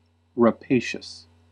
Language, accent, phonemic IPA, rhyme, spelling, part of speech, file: English, US, /ɹəˈpeɪ.ʃəs/, -eɪʃəs, rapacious, adjective, En-us-rapacious.ogg
- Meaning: 1. Voracious; avaricious 2. Given to taking by force or plundering; aggressively greedy 3. Subsisting off live prey